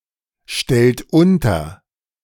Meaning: inflection of unterstellen: 1. second-person plural present 2. third-person singular present 3. plural imperative
- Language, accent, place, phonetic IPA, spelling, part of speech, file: German, Germany, Berlin, [ˌʃtɛlt ˈʊntɐ], stellt unter, verb, De-stellt unter.ogg